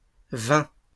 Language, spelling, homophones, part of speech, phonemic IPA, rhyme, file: French, vins, vain / vainc / vaincs / vains / vin / vingt / vingts / vint / vînt, verb / noun, /vɛ̃/, -ɛ̃, LL-Q150 (fra)-vins.wav
- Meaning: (verb) first/second-person singular past historic of venir; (noun) plural of vin